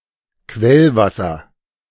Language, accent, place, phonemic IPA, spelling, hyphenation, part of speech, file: German, Germany, Berlin, /ˈkvɛlˌvasɐ/, Quellwasser, Quell‧was‧ser, noun, De-Quellwasser.ogg
- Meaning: springwater